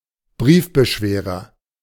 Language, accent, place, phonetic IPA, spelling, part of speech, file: German, Germany, Berlin, [ˈbʁiːfbəˌʃveːʁɐ], Briefbeschwerer, noun, De-Briefbeschwerer.ogg
- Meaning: paperweight